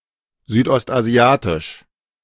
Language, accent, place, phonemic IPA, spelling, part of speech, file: German, Germany, Berlin, /zyːtʔɔstʔaˈzi̯aːtɪʃ/, südostasiatisch, adjective, De-südostasiatisch.ogg
- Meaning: Southeast Asian